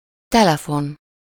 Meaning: telephone
- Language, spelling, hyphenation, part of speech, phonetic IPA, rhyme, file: Hungarian, telefon, te‧le‧fon, noun, [ˈtɛlɛfon], -on, Hu-telefon.ogg